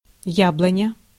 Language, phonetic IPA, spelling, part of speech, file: Russian, [ˈjabɫənʲə], яблоня, noun, Ru-яблоня.ogg
- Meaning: 1. apple tree 2. apple wood